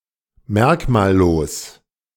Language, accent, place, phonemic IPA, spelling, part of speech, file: German, Germany, Berlin, /ˈmɛʁkmaːlˌloːs/, merkmallos, adjective, De-merkmallos.ogg
- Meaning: 1. featureless 2. uncharacteristic, insignificant